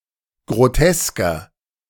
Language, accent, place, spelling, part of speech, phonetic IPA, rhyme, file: German, Germany, Berlin, grotesker, adjective, [ɡʁoˈtɛskɐ], -ɛskɐ, De-grotesker.ogg
- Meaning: 1. comparative degree of grotesk 2. inflection of grotesk: strong/mixed nominative masculine singular 3. inflection of grotesk: strong genitive/dative feminine singular